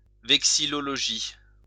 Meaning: vexillology
- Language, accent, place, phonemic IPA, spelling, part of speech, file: French, France, Lyon, /vɛk.si.lɔ.lɔ.ʒi/, vexillologie, noun, LL-Q150 (fra)-vexillologie.wav